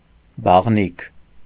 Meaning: 1. bathhouse (building containing baths for communal use) 2. bathroom 3. the act of bathing
- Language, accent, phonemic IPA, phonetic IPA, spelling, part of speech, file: Armenian, Eastern Armenian, /bɑʁˈnikʰ/, [bɑʁníkʰ], բաղնիք, noun, Hy-բաղնիք.ogg